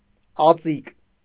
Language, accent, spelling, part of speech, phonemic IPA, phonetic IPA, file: Armenian, Eastern Armenian, ածիկ, noun, /ɑˈt͡sik/, [ɑt͡sík], Hy-ածիկ.ogg
- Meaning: malt